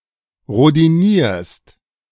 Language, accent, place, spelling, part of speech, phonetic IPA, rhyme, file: German, Germany, Berlin, rhodinierst, verb, [ʁodiˈniːɐ̯st], -iːɐ̯st, De-rhodinierst.ogg
- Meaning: second-person singular present of rhodinieren